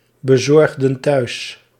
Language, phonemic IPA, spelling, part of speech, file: Dutch, /bəˈzɔrɣdə(n) ˈtœys/, bezorgden thuis, verb, Nl-bezorgden thuis.ogg
- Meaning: inflection of thuisbezorgen: 1. plural past indicative 2. plural past subjunctive